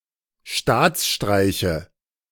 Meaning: nominative/accusative/genitive plural of Staatsstreich
- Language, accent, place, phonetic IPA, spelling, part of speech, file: German, Germany, Berlin, [ˈʃtaːt͡sˌʃtʁaɪ̯çə], Staatsstreiche, noun, De-Staatsstreiche.ogg